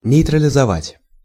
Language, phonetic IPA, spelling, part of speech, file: Russian, [nʲɪjtrəlʲɪzɐˈvatʲ], нейтрализовать, verb, Ru-нейтрализовать.ogg
- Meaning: to neutralize